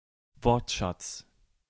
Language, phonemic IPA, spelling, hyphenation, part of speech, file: German, /ˈvɔʁtˌʃat͡s/, Wortschatz, Wort‧schatz, noun, De-Wortschatz.ogg
- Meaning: 1. vocabulary 2. lexicon (vocabulary of a language; vocabulary used by an individual)